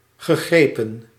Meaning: past participle of grijpen
- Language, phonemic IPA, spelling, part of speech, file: Dutch, /ɣəˈɣreːpə(n)/, gegrepen, verb, Nl-gegrepen.ogg